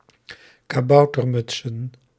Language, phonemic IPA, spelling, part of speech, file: Dutch, /kaˈbɑutərˌmʏtsə(n)/, kaboutermutsen, noun, Nl-kaboutermutsen.ogg
- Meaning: plural of kaboutermuts